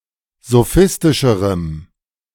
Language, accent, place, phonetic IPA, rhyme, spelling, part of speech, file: German, Germany, Berlin, [zoˈfɪstɪʃəʁəm], -ɪstɪʃəʁəm, sophistischerem, adjective, De-sophistischerem.ogg
- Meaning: strong dative masculine/neuter singular comparative degree of sophistisch